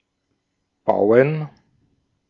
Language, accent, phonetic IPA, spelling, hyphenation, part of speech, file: German, Austria, [ˈb̥aɔ̯n], bauen, bau‧en, verb, De-at-bauen.ogg
- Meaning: 1. to build, to construct 2. to rely 3. to roll (a joint) 4. to cause (something bad)